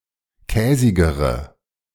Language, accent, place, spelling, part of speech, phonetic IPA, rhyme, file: German, Germany, Berlin, käsigere, adjective, [ˈkɛːzɪɡəʁə], -ɛːzɪɡəʁə, De-käsigere.ogg
- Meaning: inflection of käsig: 1. strong/mixed nominative/accusative feminine singular comparative degree 2. strong nominative/accusative plural comparative degree